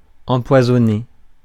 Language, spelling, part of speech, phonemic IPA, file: French, empoisonner, verb, /ɑ̃.pwa.zɔ.ne/, Fr-empoisonner.ogg
- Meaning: to poison, to kill by poisoning